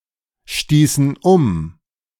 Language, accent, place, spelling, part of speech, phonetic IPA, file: German, Germany, Berlin, stießen um, verb, [ˌʃtiːsn̩ ˈʊm], De-stießen um.ogg
- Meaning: inflection of umstoßen: 1. first/third-person plural preterite 2. first/third-person plural subjunctive II